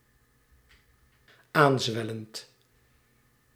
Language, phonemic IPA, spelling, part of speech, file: Dutch, /ˈanzwɛlənt/, aanzwellend, verb / adjective, Nl-aanzwellend.ogg
- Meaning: present participle of aanzwellen